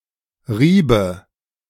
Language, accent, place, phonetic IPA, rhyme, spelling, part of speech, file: German, Germany, Berlin, [ˈʁiːbə], -iːbə, riebe, verb, De-riebe.ogg
- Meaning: first/third-person singular subjunctive II of reiben